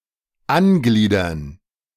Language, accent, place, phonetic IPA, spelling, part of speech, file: German, Germany, Berlin, [ˈanˌɡliːdɐn], angliedern, verb, De-angliedern.ogg
- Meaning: to annex, to incorporate